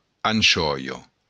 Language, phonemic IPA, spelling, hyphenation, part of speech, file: Occitan, /anˈt͡ʃɔ.jɔ/, anchòia, an‧chò‧ia, noun, LL-Q942602-anchòia.wav
- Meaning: anchovy